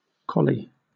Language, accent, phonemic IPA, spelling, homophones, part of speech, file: English, Southern England, /ˈkɒli/, colly, collie / cauli, adjective / verb / noun, LL-Q1860 (eng)-colly.wav
- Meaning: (adjective) Black as coal; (verb) To make black, as with coal; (noun) 1. Soot 2. A blackbird 3. Alternative spelling of collie